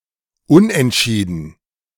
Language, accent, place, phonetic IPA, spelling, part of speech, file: German, Germany, Berlin, [ˈʊnʔɛntˌʃiːdn̩], Unentschieden, noun, De-Unentschieden.ogg
- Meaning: draw; tie